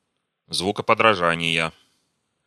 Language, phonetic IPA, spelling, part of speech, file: Russian, [ˌzvukəpədrɐˈʐanʲɪjə], звукоподражания, noun, Ru-звукоподражания.ogg
- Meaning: inflection of звукоподража́ние (zvukopodražánije): 1. genitive singular 2. nominative/accusative plural